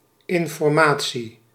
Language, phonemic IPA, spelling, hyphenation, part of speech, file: Dutch, /ɪn.fɔrˈmaː.(t)si/, informatie, in‧for‧ma‧tie, noun, Nl-informatie.ogg
- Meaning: information